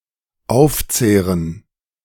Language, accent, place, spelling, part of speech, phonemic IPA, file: German, Germany, Berlin, aufzehren, verb, /ˈaʊ̯fˌt͡seːʁn̩/, De-aufzehren.ogg
- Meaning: to eat away at